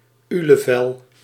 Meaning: a rectangular hard sweet
- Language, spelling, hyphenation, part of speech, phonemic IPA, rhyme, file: Dutch, ulevel, ule‧vel, noun, /ˌy.ləˈvɛl/, -ɛl, Nl-ulevel.ogg